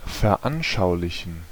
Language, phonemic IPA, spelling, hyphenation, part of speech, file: German, /fɛɐ̯ˈʔanʃaʊ̯lɪçn̩/, veranschaulichen, ver‧an‧schau‧li‧chen, verb, De-veranschaulichen.ogg
- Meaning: to illustrate, to exemplify